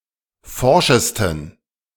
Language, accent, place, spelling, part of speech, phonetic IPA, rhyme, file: German, Germany, Berlin, forschesten, adjective, [ˈfɔʁʃəstn̩], -ɔʁʃəstn̩, De-forschesten.ogg
- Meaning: 1. superlative degree of forsch 2. inflection of forsch: strong genitive masculine/neuter singular superlative degree